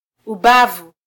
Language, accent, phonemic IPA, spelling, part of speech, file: Swahili, Kenya, /uˈɓɑ.vu/, ubavu, noun, Sw-ke-ubavu.flac
- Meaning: 1. side, flank 2. rib (curved bone)